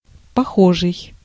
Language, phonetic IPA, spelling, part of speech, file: Russian, [pɐˈxoʐɨj], похожий, adjective, Ru-похожий.ogg
- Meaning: alike; similar